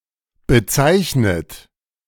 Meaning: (verb) past participle of bezeichnen; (adjective) denoted, designated; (verb) inflection of bezeichnen: 1. third-person singular present 2. second-person plural present 3. plural imperative
- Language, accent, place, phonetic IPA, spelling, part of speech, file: German, Germany, Berlin, [bəˈtsaɪ̯çnət], bezeichnet, verb / adjective, De-bezeichnet.ogg